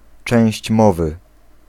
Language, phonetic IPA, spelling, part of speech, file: Polish, [ˈt͡ʃɛ̃w̃ɕt͡ɕ ˈmɔvɨ], część mowy, noun, Pl-część mowy.ogg